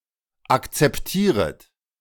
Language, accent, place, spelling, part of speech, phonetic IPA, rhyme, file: German, Germany, Berlin, akzeptieret, verb, [ˌakt͡sɛpˈtiːʁət], -iːʁət, De-akzeptieret.ogg
- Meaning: second-person plural subjunctive I of akzeptieren